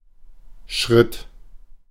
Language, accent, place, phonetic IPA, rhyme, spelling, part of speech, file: German, Germany, Berlin, [ʃʁɪt], -ɪt, schritt, verb, De-schritt.ogg
- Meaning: first/third-person singular preterite of schreiten